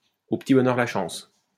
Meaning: alternative form of au petit bonheur
- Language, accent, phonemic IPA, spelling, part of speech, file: French, France, /o p(ə).ti bɔ.nœʁ la ʃɑ̃s/, au petit bonheur la chance, adverb, LL-Q150 (fra)-au petit bonheur la chance.wav